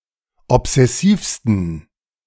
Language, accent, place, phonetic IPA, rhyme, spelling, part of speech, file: German, Germany, Berlin, [ɔpz̥ɛˈsiːfstn̩], -iːfstn̩, obsessivsten, adjective, De-obsessivsten.ogg
- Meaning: 1. superlative degree of obsessiv 2. inflection of obsessiv: strong genitive masculine/neuter singular superlative degree